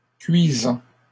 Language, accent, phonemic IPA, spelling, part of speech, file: French, Canada, /kɥi.zɑ̃/, cuisant, verb / adjective, LL-Q150 (fra)-cuisant.wav
- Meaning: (verb) present participle of cuire; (adjective) 1. stinging, burning 2. crushing, bitter